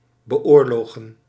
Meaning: to wage war against, to war against
- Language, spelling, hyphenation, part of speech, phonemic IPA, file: Dutch, beoorlogen, be‧oor‧lo‧gen, verb, /bəˈoːr.loːɣə(n)/, Nl-beoorlogen.ogg